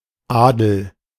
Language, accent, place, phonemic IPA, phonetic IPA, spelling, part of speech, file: German, Germany, Berlin, /ˈaːdəl/, [ˈʔäː.dl̩], Adel, noun / proper noun, De-Adel.ogg
- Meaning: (noun) nobility; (proper noun) a surname transferred from the given name